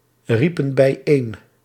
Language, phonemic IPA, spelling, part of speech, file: Dutch, /ˈripə(n) bɛiˈen/, riepen bijeen, verb, Nl-riepen bijeen.ogg
- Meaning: inflection of bijeenroepen: 1. plural past indicative 2. plural past subjunctive